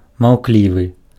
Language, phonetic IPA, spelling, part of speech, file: Belarusian, [mau̯ˈklʲivɨ], маўклівы, adjective, Be-маўклівы.ogg
- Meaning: taciturn